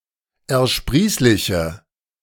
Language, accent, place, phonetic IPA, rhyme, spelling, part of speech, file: German, Germany, Berlin, [ɛɐ̯ˈʃpʁiːslɪçə], -iːslɪçə, ersprießliche, adjective, De-ersprießliche.ogg
- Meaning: inflection of ersprießlich: 1. strong/mixed nominative/accusative feminine singular 2. strong nominative/accusative plural 3. weak nominative all-gender singular